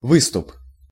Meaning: 1. protrusion, protuberance, prominence, projection (anything that protrudes) 2. a panhandle 3. ledge
- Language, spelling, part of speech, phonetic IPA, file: Russian, выступ, noun, [ˈvɨstʊp], Ru-выступ.ogg